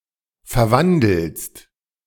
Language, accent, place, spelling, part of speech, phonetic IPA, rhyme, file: German, Germany, Berlin, verwandelst, verb, [fɛɐ̯ˈvandl̩st], -andl̩st, De-verwandelst.ogg
- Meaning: second-person singular present of verwandeln